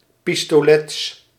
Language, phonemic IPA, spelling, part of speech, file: Dutch, /ˌpistoˈles/, pistolets, noun, Nl-pistolets.ogg
- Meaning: plural of pistolet